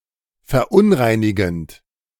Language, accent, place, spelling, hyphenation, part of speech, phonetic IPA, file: German, Germany, Berlin, verunreinigend, ver‧un‧rei‧ni‧gend, verb, [fɛɐ̯ˈʔʊnʁaɪ̯nɪɡn̩t], De-verunreinigend.ogg
- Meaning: present participle of verunreinigen